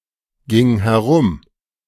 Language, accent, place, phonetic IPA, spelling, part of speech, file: German, Germany, Berlin, [ˌɡɪŋ hɛˈʁʊm], ging herum, verb, De-ging herum.ogg
- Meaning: first/third-person singular preterite of herumgehen